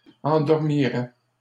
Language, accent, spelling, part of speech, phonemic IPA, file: French, Canada, endormiraient, verb, /ɑ̃.dɔʁ.mi.ʁɛ/, LL-Q150 (fra)-endormiraient.wav
- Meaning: third-person plural conditional of endormir